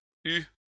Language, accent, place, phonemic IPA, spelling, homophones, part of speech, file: French, France, Lyon, /y/, eu, eue / eues / eus / eut / eût / hue / huent, verb, LL-Q150 (fra)-eu.wav
- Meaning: past participle of avoir